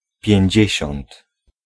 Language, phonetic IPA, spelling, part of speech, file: Polish, [pʲjɛ̇̃ɲˈd͡ʑɛ̇ɕɔ̃nt], pięćdziesiąt, adjective, Pl-pięćdziesiąt.ogg